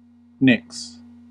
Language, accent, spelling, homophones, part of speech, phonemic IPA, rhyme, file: English, US, nicks, nix, noun / verb, /nɪks/, -ɪks, En-us-nicks.ogg
- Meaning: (noun) plural of nick; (verb) third-person singular simple present indicative of nick